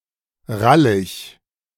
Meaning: horny, sexually aroused, in heat
- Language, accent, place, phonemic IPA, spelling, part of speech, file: German, Germany, Berlin, /ˈʁalɪç/, rallig, adjective, De-rallig.ogg